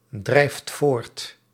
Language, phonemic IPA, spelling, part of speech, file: Dutch, /ˈdrɛift ˈvort/, drijft voort, verb, Nl-drijft voort.ogg
- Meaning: inflection of voortdrijven: 1. second/third-person singular present indicative 2. plural imperative